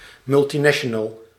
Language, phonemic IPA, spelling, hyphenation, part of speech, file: Dutch, /ˌmʏl.tiˈnɛ.ʃə.nəl/, multinational, mul‧ti‧na‧ti‧o‧nal, noun, Nl-multinational.ogg
- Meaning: a multinational company